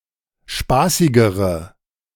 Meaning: inflection of spaßig: 1. strong/mixed nominative/accusative feminine singular comparative degree 2. strong nominative/accusative plural comparative degree
- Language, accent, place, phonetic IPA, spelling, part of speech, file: German, Germany, Berlin, [ˈʃpaːsɪɡəʁə], spaßigere, adjective, De-spaßigere.ogg